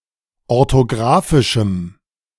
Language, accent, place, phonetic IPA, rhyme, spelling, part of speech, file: German, Germany, Berlin, [ɔʁtoˈɡʁaːfɪʃm̩], -aːfɪʃm̩, orthografischem, adjective, De-orthografischem.ogg
- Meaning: strong dative masculine/neuter singular of orthografisch